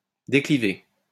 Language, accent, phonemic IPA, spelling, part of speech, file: French, France, /de.kli.ve/, décliver, verb, LL-Q150 (fra)-décliver.wav
- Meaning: 1. to tilt 2. to decline, decrease